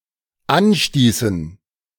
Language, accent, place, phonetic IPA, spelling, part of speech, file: German, Germany, Berlin, [ˈanˌʃtiːsn̩], anstießen, verb, De-anstießen.ogg
- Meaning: inflection of anstoßen: 1. first/third-person plural dependent preterite 2. first/third-person plural dependent subjunctive II